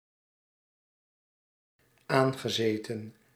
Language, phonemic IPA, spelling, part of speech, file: Dutch, /ˈaŋɣəˌzetə(n)/, aangezeten, verb, Nl-aangezeten.ogg
- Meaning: past participle of aanzitten